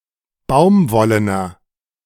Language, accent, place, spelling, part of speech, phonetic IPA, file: German, Germany, Berlin, baumwollener, adjective, [ˈbaʊ̯mˌvɔlənɐ], De-baumwollener.ogg
- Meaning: inflection of baumwollen: 1. strong/mixed nominative masculine singular 2. strong genitive/dative feminine singular 3. strong genitive plural